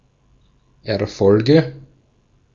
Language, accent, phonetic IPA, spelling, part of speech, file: German, Austria, [ɛɐ̯ˈfɔlɡə], Erfolge, noun, De-at-Erfolge.ogg
- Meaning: nominative/accusative/genitive plural of Erfolg